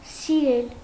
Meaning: 1. to like 2. to love
- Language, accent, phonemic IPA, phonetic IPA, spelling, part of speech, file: Armenian, Eastern Armenian, /siˈɾel/, [siɾél], սիրել, verb, Hy-սիրել.ogg